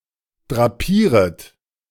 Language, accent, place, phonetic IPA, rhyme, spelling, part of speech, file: German, Germany, Berlin, [dʁaˈpiːʁət], -iːʁət, drapieret, verb, De-drapieret.ogg
- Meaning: second-person plural subjunctive I of drapieren